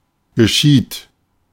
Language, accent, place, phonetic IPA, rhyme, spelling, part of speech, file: German, Germany, Berlin, [ɡəˈʃiːt], -iːt, geschieht, verb, De-geschieht.ogg
- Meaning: third-person singular present of geschehen